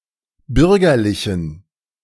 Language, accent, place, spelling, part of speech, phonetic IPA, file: German, Germany, Berlin, bürgerlichen, adjective, [ˈbʏʁɡɐlɪçn̩], De-bürgerlichen.ogg
- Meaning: inflection of bürgerlich: 1. strong genitive masculine/neuter singular 2. weak/mixed genitive/dative all-gender singular 3. strong/weak/mixed accusative masculine singular 4. strong dative plural